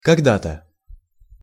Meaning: once (upon a time), formerly; constructions with used to
- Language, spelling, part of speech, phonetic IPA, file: Russian, когда-то, adverb, [kɐɡˈda‿tə], Ru-когда-то.ogg